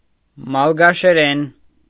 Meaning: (noun) Malagasy (language); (adverb) in Malagasy; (adjective) Malagasy (of or pertaining to the language)
- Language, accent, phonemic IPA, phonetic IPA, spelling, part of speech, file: Armenian, Eastern Armenian, /mɑlɡɑʃeˈɾen/, [mɑlɡɑʃeɾén], մալգաշերեն, noun / adverb / adjective, Hy-մալգաշերեն.ogg